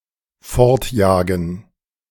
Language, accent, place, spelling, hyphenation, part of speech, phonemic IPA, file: German, Germany, Berlin, fortjagen, fort‧ja‧gen, verb, /ˈfɔʁtˌjaːɡn̩/, De-fortjagen.ogg
- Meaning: to chase away